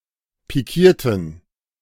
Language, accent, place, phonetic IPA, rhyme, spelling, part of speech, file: German, Germany, Berlin, [piˈkiːɐ̯tn̩], -iːɐ̯tn̩, pikierten, adjective, De-pikierten.ogg
- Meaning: inflection of pikieren: 1. first/third-person plural preterite 2. first/third-person plural subjunctive II